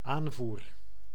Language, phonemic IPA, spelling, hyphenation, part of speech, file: Dutch, /ˈaːn.vur/, aanvoer, aan‧voer, noun / verb, Nl-aanvoer.ogg
- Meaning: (noun) supply; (verb) 1. first-person singular dependent-clause present indicative of aanvoeren 2. singular dependent-clause past indicative of aanvaren